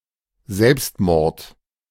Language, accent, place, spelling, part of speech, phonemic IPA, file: German, Germany, Berlin, Selbstmord, noun, /ˈzɛlps(t)ˌmɔʁt/, De-Selbstmord.ogg
- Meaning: suicide